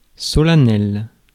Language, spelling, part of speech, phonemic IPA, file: French, solennel, adjective, /sɔ.la.nɛl/, Fr-solennel.ogg
- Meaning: solemn, formal; ceremonious